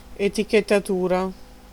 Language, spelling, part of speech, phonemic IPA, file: Italian, etichettatura, noun, /etikettaˈtura/, It-etichettatura.ogg